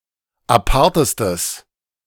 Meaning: strong/mixed nominative/accusative neuter singular superlative degree of apart
- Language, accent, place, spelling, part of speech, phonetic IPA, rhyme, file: German, Germany, Berlin, apartestes, adjective, [aˈpaʁtəstəs], -aʁtəstəs, De-apartestes.ogg